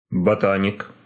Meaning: 1. botanist 2. nerd 3. genitive plural of бота́ника (botánika)
- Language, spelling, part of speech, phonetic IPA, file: Russian, ботаник, noun, [bɐˈtanʲɪk], Ru-ботаник.ogg